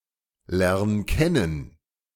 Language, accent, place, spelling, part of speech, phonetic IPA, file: German, Germany, Berlin, lern kennen, verb, [ˌlɛʁn ˈkɛnən], De-lern kennen.ogg
- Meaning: 1. singular imperative of kennenlernen 2. first-person singular present of kennenlernen